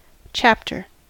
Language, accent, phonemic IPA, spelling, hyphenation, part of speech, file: English, US, /ˈt͡ʃæptɚ/, chapter, chap‧ter, noun / verb, En-us-chapter.ogg
- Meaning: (noun) One of the main sections into which a published work is divided, especially a book